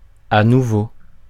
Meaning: once more, once again, in a different manner, on a new basis
- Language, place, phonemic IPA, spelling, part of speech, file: French, Paris, /a nu.vo/, à nouveau, adverb, Fr-à nouveau.ogg